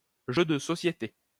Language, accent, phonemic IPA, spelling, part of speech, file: French, France, /ʒø d(ə) sɔ.sje.te/, jeu de société, noun, LL-Q150 (fra)-jeu de société.wav
- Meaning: board game